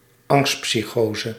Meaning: a psychosis that has fear as the most important symptom
- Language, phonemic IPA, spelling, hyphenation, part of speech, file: Dutch, /ˈɑŋst.psiˌxoː.zə/, angstpsychose, angst‧psy‧cho‧se, noun, Nl-angstpsychose.ogg